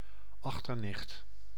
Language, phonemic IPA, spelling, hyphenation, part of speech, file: Dutch, /ˈɑx.tərˌnɪxt/, achternicht, ach‧ter‧nicht, noun, Nl-achternicht.ogg
- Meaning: daughter of one's cousin or grandaunt/granduncle; female first cousin once removed